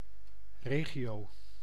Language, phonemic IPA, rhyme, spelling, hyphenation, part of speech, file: Dutch, /ˈreː.ɣi.oː/, -eːɣioː, regio, re‧gio, noun, Nl-regio.ogg
- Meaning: region